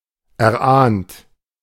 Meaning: past participle of erahnen
- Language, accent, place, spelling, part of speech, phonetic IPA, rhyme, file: German, Germany, Berlin, erahnt, verb, [ɛɐ̯ˈʔaːnt], -aːnt, De-erahnt.ogg